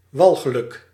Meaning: noisome, disgusting, revolting, nausea inducing
- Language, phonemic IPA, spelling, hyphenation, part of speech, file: Dutch, /ˈʋɑlɣələk/, walgelijk, wal‧ge‧lijk, adjective, Nl-walgelijk.ogg